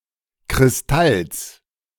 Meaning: genitive singular of Kristall
- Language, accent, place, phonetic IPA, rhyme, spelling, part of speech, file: German, Germany, Berlin, [kʁɪsˈtals], -als, Kristalls, noun, De-Kristalls.ogg